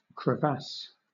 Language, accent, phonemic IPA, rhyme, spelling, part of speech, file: English, Southern England, /kɹəˈvæs/, -æs, crevasse, noun / verb, LL-Q1860 (eng)-crevasse.wav
- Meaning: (noun) 1. A crack or fissure in a glacier or snowfield; a chasm 2. A breach in a canal or river bank 3. Any cleft or fissure